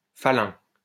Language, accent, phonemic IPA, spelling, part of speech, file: French, France, /fa.lœ̃/, falun, noun, LL-Q150 (fra)-falun.wav
- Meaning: a stratum chiefly composed of shell beds, usually in reference to certain marine Cenozoic deposits in France